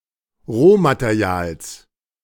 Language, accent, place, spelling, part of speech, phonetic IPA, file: German, Germany, Berlin, Rohmaterials, noun, [ˈʁoːmateˌʁi̯aːls], De-Rohmaterials.ogg
- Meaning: genitive singular of Rohmaterial